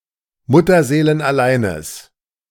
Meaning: strong/mixed nominative/accusative neuter singular of mutterseelenallein
- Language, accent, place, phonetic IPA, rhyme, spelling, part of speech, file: German, Germany, Berlin, [ˌmʊtɐzeːlənʔaˈlaɪ̯nəs], -aɪ̯nəs, mutterseelenalleines, adjective, De-mutterseelenalleines.ogg